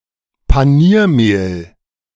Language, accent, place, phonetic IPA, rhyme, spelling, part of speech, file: German, Germany, Berlin, [paˈniːɐ̯ˌmeːl], -iːɐ̯meːl, Paniermehl, noun, De-Paniermehl.ogg
- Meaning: breadcrumbs